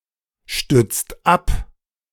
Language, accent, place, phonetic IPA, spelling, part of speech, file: German, Germany, Berlin, [ˌʃtʏt͡st ˈap], stützt ab, verb, De-stützt ab.ogg
- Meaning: inflection of abstützen: 1. second-person singular/plural present 2. third-person singular present 3. plural imperative